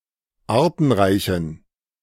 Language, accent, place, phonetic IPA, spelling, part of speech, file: German, Germany, Berlin, [ˈaːɐ̯tn̩ˌʁaɪ̯çn̩], artenreichen, adjective, De-artenreichen.ogg
- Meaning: inflection of artenreich: 1. strong genitive masculine/neuter singular 2. weak/mixed genitive/dative all-gender singular 3. strong/weak/mixed accusative masculine singular 4. strong dative plural